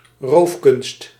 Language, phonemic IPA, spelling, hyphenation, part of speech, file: Dutch, /ˈroːf.kʏnst/, roofkunst, roof‧kunst, noun, Nl-roofkunst.ogg
- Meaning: stolen art, looted art